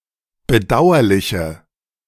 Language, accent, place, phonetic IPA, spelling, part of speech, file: German, Germany, Berlin, [bəˈdaʊ̯ɐlɪçə], bedauerliche, adjective, De-bedauerliche.ogg
- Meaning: inflection of bedauerlich: 1. strong/mixed nominative/accusative feminine singular 2. strong nominative/accusative plural 3. weak nominative all-gender singular